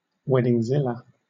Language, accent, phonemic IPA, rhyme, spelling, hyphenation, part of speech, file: English, Southern England, /ˌwɛdɪŋˈzɪlə/, -ɪlə, weddingzilla, wed‧ding‧zil‧la, noun, LL-Q1860 (eng)-weddingzilla.wav
- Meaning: A person overly concerned with ensuring that a wedding goes exactly as they envision it